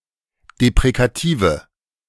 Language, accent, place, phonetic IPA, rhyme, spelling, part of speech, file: German, Germany, Berlin, [depʁekaˈtiːvə], -iːvə, deprekative, adjective, De-deprekative.ogg
- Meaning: inflection of deprekativ: 1. strong/mixed nominative/accusative feminine singular 2. strong nominative/accusative plural 3. weak nominative all-gender singular